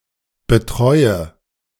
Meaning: inflection of betreuen: 1. first-person singular present 2. first/third-person singular subjunctive I 3. singular imperative
- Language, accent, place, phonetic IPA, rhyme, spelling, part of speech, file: German, Germany, Berlin, [bəˈtʁɔɪ̯ə], -ɔɪ̯ə, betreue, verb, De-betreue.ogg